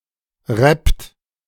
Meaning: inflection of rappen: 1. third-person singular present 2. second-person plural present 3. plural imperative
- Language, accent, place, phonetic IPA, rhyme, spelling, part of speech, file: German, Germany, Berlin, [ʁɛpt], -ɛpt, rappt, verb, De-rappt.ogg